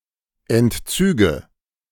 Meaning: nominative/accusative/genitive plural of Entzug
- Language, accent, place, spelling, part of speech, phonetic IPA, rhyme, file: German, Germany, Berlin, Entzüge, noun, [ɛntˈt͡syːɡə], -yːɡə, De-Entzüge.ogg